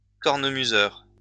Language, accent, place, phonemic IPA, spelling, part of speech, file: French, France, Lyon, /kɔʁ.nə.my.zœʁ/, cornemuseur, noun, LL-Q150 (fra)-cornemuseur.wav
- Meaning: bagpiper, piper